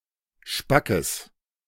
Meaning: strong/mixed nominative/accusative neuter singular of spack
- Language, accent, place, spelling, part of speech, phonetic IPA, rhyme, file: German, Germany, Berlin, spackes, adjective, [ˈʃpakəs], -akəs, De-spackes.ogg